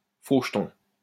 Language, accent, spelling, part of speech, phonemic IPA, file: French, France, faux jeton, noun, /fo ʒ(ə).tɔ̃/, LL-Q150 (fra)-faux jeton.wav
- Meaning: hypocrite, phony, two-faced person, two-timer